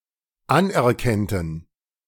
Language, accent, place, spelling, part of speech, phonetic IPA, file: German, Germany, Berlin, anerkennten, verb, [ˈanʔɛɐ̯ˌkɛntn̩], De-anerkennten.ogg
- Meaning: first/third-person plural dependent subjunctive II of anerkennen